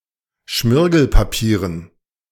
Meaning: dative plural of Schmirgelpapier
- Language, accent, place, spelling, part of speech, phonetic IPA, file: German, Germany, Berlin, Schmirgelpapieren, noun, [ˈʃmɪʁɡl̩paˌpiːʁən], De-Schmirgelpapieren.ogg